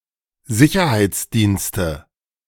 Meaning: nominative/accusative/genitive plural of Sicherheitsdienst
- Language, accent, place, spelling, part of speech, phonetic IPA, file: German, Germany, Berlin, Sicherheitsdienste, noun, [ˈzɪçɐhaɪ̯t͡sˌdiːnstə], De-Sicherheitsdienste.ogg